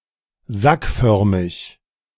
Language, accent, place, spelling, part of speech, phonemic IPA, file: German, Germany, Berlin, sackförmig, adjective, /ˈzakˌfœʁmɪç/, De-sackförmig.ogg
- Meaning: saccular